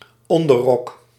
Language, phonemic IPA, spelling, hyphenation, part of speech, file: Dutch, /ˈɔn.dəˌrɔk/, onderrok, on‧der‧rok, noun, Nl-onderrok.ogg
- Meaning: a women's undergarment worn under a skirt; a slip, a petticoat